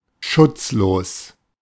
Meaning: defenseless
- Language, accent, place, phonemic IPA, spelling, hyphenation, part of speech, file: German, Germany, Berlin, /ˈʃʊtsˌloːs/, schutzlos, schutz‧los, adjective, De-schutzlos.ogg